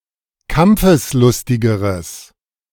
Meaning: strong/mixed nominative/accusative neuter singular comparative degree of kampfeslustig
- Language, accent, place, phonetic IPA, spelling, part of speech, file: German, Germany, Berlin, [ˈkamp͡fəsˌlʊstɪɡəʁəs], kampfeslustigeres, adjective, De-kampfeslustigeres.ogg